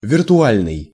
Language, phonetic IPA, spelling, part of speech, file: Russian, [vʲɪrtʊˈalʲnɨj], виртуальный, adjective, Ru-виртуальный.ogg
- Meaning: virtual